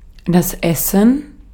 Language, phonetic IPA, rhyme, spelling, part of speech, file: German, [ˈɛsn̩], -ɛsn̩, Essen, noun / proper noun, De-at-Essen.ogg